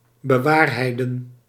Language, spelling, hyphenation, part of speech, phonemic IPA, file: Dutch, bewaarheiden, be‧waar‧hei‧den, verb, /bəˈʋaːr.ɦɛi̯.də(n)/, Nl-bewaarheiden.ogg
- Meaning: 1. to prove true, to realise, to cause to come to fruition 2. to demonstrate the truthfulness of